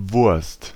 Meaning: 1. sausage 2. penis
- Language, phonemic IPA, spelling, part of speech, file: German, /vʊɐ̯st/, Wurst, noun, De-Wurst.ogg